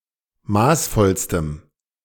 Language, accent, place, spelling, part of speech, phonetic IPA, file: German, Germany, Berlin, maßvollstem, adjective, [ˈmaːsˌfɔlstəm], De-maßvollstem.ogg
- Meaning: strong dative masculine/neuter singular superlative degree of maßvoll